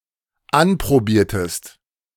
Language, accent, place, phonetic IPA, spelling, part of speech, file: German, Germany, Berlin, [ˈanpʁoˌbiːɐ̯təst], anprobiertest, verb, De-anprobiertest.ogg
- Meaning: inflection of anprobieren: 1. second-person singular dependent preterite 2. second-person singular dependent subjunctive II